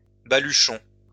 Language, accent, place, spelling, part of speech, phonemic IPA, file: French, France, Lyon, balluchon, noun, /ba.ly.ʃɔ̃/, LL-Q150 (fra)-balluchon.wav
- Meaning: bundle, especially in a bag carried on a stick over the shoulder, bindle